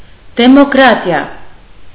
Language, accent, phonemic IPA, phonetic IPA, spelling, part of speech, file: Armenian, Eastern Armenian, /demokˈɾɑtiɑ/, [demokɾɑ́tjɑ], դեմոկրատիա, noun, Hy-դեմոկրատիա.ogg
- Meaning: democracy